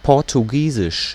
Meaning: the Portuguese language
- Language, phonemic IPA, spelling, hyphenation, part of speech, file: German, /ˌpɔʁtuˈɡiːzɪʃ/, Portugiesisch, Por‧tu‧gie‧sisch, proper noun, De-Portugiesisch.ogg